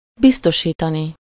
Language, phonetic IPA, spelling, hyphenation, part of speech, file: Hungarian, [ˈbistoʃiːtɒni], biztosítani, biz‧to‧sí‧ta‧ni, verb, Hu-biztosítani.ogg
- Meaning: infinitive of biztosít